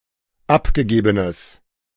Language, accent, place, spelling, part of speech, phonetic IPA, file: German, Germany, Berlin, abgegebenes, adjective, [ˈapɡəˌɡeːbənəs], De-abgegebenes.ogg
- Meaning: strong/mixed nominative/accusative neuter singular of abgegeben